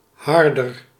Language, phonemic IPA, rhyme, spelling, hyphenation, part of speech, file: Dutch, /ˈɦɑr.dər/, -ɑrdər, harder, har‧der, noun / adjective, Nl-harder.ogg
- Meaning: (noun) 1. a mullet, fish of the family Mugilidae 2. a flathead mullet, flathead grey mullet, Mugil cephalus; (adjective) comparative degree of hard